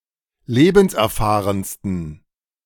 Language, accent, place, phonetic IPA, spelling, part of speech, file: German, Germany, Berlin, [ˈleːbn̩sʔɛɐ̯ˌfaːʁənstn̩], lebenserfahrensten, adjective, De-lebenserfahrensten.ogg
- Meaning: 1. superlative degree of lebenserfahren 2. inflection of lebenserfahren: strong genitive masculine/neuter singular superlative degree